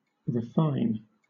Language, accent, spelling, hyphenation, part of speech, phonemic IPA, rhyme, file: English, Southern England, refine, re‧fine, verb, /ɹɪˈfaɪn/, -aɪn, LL-Q1860 (eng)-refine.wav
- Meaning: 1. To purify; reduce to a fine, unmixed, or pure state; to free from impurities 2. To become pure; to be cleared of impure matter 3. To purify of coarseness, vulgarity, inelegance, etc.; to polish